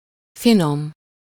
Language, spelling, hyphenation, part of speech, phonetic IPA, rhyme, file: Hungarian, finom, fi‧nom, adjective, [ˈfinom], -om, Hu-finom.ogg
- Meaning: 1. fine, delicate (made up of particularly small pieces) 2. delicious, tasty (having a pleasant or satisfying flavor) 3. refined, fine, delicate, gentle, polished 4. refined, gentle, tactful, subtle